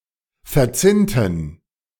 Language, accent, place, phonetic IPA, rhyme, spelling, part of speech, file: German, Germany, Berlin, [fɛɐ̯ˈt͡sɪntn̩], -ɪntn̩, verzinnten, adjective / verb, De-verzinnten.ogg
- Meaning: inflection of verzinnt: 1. strong genitive masculine/neuter singular 2. weak/mixed genitive/dative all-gender singular 3. strong/weak/mixed accusative masculine singular 4. strong dative plural